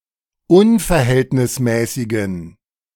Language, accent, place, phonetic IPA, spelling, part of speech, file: German, Germany, Berlin, [ˈʊnfɛɐ̯ˌhɛltnɪsmɛːsɪɡn̩], unverhältnismäßigen, adjective, De-unverhältnismäßigen.ogg
- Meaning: inflection of unverhältnismäßig: 1. strong genitive masculine/neuter singular 2. weak/mixed genitive/dative all-gender singular 3. strong/weak/mixed accusative masculine singular